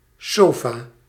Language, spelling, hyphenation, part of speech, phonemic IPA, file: Dutch, sofa, so‧fa, noun, /ˈsoː.faː/, Nl-sofa.ogg
- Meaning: a couch, a sofa